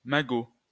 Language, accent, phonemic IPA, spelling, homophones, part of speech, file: French, France, /ma.ɡo/, magot, Magot, noun, LL-Q150 (fra)-magot.wav
- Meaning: the Barbary macaque (Macaca sylvanus) native to the Atlas Mountains of Algeria and Morocco along with a small population of uncertain origin in Gibraltar